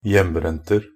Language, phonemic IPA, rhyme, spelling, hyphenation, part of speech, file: Norwegian Bokmål, /ˈjɛmːbrɛntər/, -ər, hjembrenter, hjem‧brent‧er, noun, Nb-hjembrenter.ogg
- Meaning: indefinite plural of hjembrent